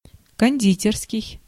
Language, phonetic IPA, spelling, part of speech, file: Russian, [kɐnʲˈdʲitʲɪrskʲɪj], кондитерский, adjective, Ru-кондитерский.ogg
- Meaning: confectionary (relating to, or of the nature of confections or their production)